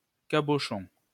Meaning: 1. cabochon 2. cul-de-lampe 3. Small nail with an ornamental head, especially used in furniture 4. head 5. silly, unintelligent, clumsy
- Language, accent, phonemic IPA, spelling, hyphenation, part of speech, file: French, France, /ka.bɔ.ʃɔ̃/, cabochon, ca‧bo‧chon, noun, LL-Q150 (fra)-cabochon.wav